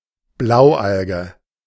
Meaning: blue-green alga
- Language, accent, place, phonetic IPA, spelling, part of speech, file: German, Germany, Berlin, [ˈblaʊ̯ˌʔalɡə], Blaualge, noun, De-Blaualge.ogg